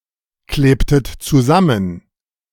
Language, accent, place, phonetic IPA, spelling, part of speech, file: German, Germany, Berlin, [ˌkleːptət t͡suˈzamən], klebtet zusammen, verb, De-klebtet zusammen.ogg
- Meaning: inflection of zusammenkleben: 1. second-person plural preterite 2. second-person plural subjunctive II